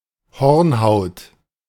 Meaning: 1. callus, horny skin 2. cornea
- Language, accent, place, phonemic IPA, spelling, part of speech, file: German, Germany, Berlin, /ˈhɔʁnˌhaʊ̯t/, Hornhaut, noun, De-Hornhaut.ogg